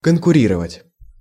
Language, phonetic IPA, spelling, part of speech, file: Russian, [kənkʊˈrʲirəvətʲ], конкурировать, verb, Ru-конкурировать.ogg
- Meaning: to compete, to rival